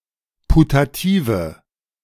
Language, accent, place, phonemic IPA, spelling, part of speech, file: German, Germany, Berlin, /putaˈtiːvə/, putative, adjective, De-putative.ogg
- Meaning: inflection of putativ: 1. strong/mixed nominative/accusative feminine singular 2. strong nominative/accusative plural 3. weak nominative all-gender singular 4. weak accusative feminine/neuter singular